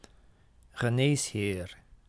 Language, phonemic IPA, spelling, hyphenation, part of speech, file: Dutch, /ɣəˈneːs.ɦeːr/, geneesheer, ge‧nees‧heer, noun, Nl-geneesheer.ogg
- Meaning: doctor